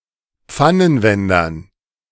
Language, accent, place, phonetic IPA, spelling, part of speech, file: German, Germany, Berlin, [ˈp͡fanənˌvɛndɐn], Pfannenwendern, noun, De-Pfannenwendern.ogg
- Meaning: dative plural of Pfannenwender